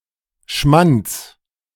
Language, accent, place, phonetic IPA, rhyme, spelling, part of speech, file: German, Germany, Berlin, [ʃmant͡s], -ant͡s, Schmands, noun, De-Schmands.ogg
- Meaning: genitive singular of Schmand